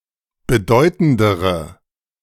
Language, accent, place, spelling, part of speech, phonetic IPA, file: German, Germany, Berlin, bedeutendere, adjective, [bəˈdɔɪ̯tn̩dəʁə], De-bedeutendere.ogg
- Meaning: inflection of bedeutend: 1. strong/mixed nominative/accusative feminine singular comparative degree 2. strong nominative/accusative plural comparative degree